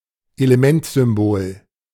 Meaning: chemical symbol
- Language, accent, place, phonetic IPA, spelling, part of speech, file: German, Germany, Berlin, [eləˈmɛntzʏmˌboːl], Elementsymbol, noun, De-Elementsymbol.ogg